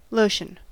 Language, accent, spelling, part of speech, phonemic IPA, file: English, US, lotion, noun / verb, /ˈloʊʃən/, En-us-lotion.ogg
- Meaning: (noun) 1. A low- to medium-viscosity topical preparation intended for application to unbroken skin 2. A washing, especially of the skin for the purpose of beautification